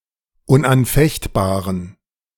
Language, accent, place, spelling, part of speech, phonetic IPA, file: German, Germany, Berlin, unanfechtbaren, adjective, [ʊnʔanˈfɛçtˌbaːʁən], De-unanfechtbaren.ogg
- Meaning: inflection of unanfechtbar: 1. strong genitive masculine/neuter singular 2. weak/mixed genitive/dative all-gender singular 3. strong/weak/mixed accusative masculine singular 4. strong dative plural